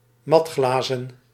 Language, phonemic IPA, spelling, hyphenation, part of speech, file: Dutch, /ˈmɑtˌxlaː.zə(n)/, matglazen, mat‧gla‧zen, adjective, Nl-matglazen.ogg
- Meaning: made of matt (matte) glass